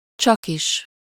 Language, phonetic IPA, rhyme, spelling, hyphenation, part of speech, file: Hungarian, [ˈt͡ʃɒkiʃ], -iʃ, csakis, csak‧is, adverb, Hu-csakis.ogg
- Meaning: only